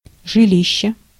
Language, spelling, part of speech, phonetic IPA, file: Russian, жилище, noun, [ʐɨˈlʲiɕːe], Ru-жилище.ogg
- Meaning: dwelling, lodging, lodgings